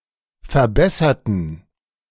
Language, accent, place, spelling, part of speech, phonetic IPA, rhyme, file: German, Germany, Berlin, verbesserten, adjective / verb, [fɛɐ̯ˈbɛsɐtn̩], -ɛsɐtn̩, De-verbesserten.ogg
- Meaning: inflection of verbessern: 1. first/third-person plural preterite 2. first/third-person plural subjunctive II